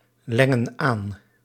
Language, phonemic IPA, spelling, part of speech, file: Dutch, /ˈlɛŋə(n) ˈan/, lengen aan, verb, Nl-lengen aan.ogg
- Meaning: inflection of aanlengen: 1. plural present indicative 2. plural present subjunctive